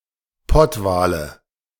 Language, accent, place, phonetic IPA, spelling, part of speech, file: German, Germany, Berlin, [ˈpɔtˌvaːlə], Pottwale, noun, De-Pottwale.ogg
- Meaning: nominative/accusative/genitive plural of Pottwal